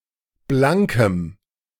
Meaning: strong dative masculine/neuter singular of blank
- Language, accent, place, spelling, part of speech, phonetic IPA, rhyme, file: German, Germany, Berlin, blankem, adjective, [ˈblaŋkəm], -aŋkəm, De-blankem.ogg